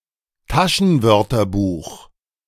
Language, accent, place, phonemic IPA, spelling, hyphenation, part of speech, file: German, Germany, Berlin, /ˈtaʃənˌvœʁtɐbuːx/, Taschenwörterbuch, Ta‧schen‧wör‧ter‧buch, noun, De-Taschenwörterbuch.ogg
- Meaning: pocket dictionary